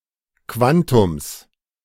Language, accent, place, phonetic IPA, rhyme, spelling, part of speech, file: German, Germany, Berlin, [ˈkvantʊms], -antʊms, Quantums, noun, De-Quantums.ogg
- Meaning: genitive singular of Quantum